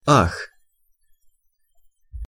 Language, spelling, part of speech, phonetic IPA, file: Russian, ах, interjection / noun, [ax], Ru-ах.ogg
- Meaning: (interjection) ah!, oh!; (noun) ah (an instance of the interjection ах (ax))